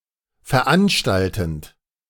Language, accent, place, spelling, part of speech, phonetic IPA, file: German, Germany, Berlin, veranstaltend, verb, [fɛɐ̯ˈʔanʃtaltn̩t], De-veranstaltend.ogg
- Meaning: present participle of veranstalten